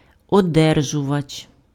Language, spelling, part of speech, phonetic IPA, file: Ukrainian, одержувач, noun, [ɔˈdɛrʒʊʋɐt͡ʃ], Uk-одержувач.ogg
- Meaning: 1. recipient 2. addressee